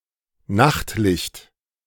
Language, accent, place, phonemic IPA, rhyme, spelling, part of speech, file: German, Germany, Berlin, /ˈnaxtˌlɪçt/, -ɪçt, Nachtlicht, noun, De-Nachtlicht.ogg
- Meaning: nightlight, night light